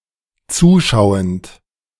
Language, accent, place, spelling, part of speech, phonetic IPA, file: German, Germany, Berlin, zuschauend, verb, [ˈt͡suːˌʃaʊ̯ənt], De-zuschauend.ogg
- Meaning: present participle of zuschauen